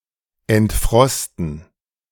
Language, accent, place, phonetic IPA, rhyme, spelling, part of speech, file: German, Germany, Berlin, [ɛntˈfʁɔstn̩], -ɔstn̩, entfrosten, verb, De-entfrosten.ogg
- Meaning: to defrost